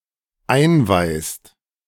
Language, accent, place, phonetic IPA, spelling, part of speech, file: German, Germany, Berlin, [ˈaɪ̯nˌvaɪ̯st], einweihst, verb, De-einweihst.ogg
- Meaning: second-person singular dependent present of einweihen